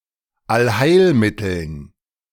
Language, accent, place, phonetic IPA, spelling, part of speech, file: German, Germany, Berlin, [alˈhaɪ̯lˌmɪtl̩n], Allheilmitteln, noun, De-Allheilmitteln.ogg
- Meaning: dative plural of Allheilmittel